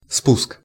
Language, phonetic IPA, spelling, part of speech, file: Russian, [spusk], спуск, noun, Ru-спуск.ogg
- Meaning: 1. lowering, hauling down, launch (the ship), lowering, descent 2. slope, incline 3. sear, detent 4. imposition 5. drainage, discharge 6. release